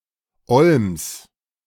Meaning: genitive singular of Olm
- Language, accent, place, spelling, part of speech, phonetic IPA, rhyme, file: German, Germany, Berlin, Olms, noun, [ɔlms], -ɔlms, De-Olms.ogg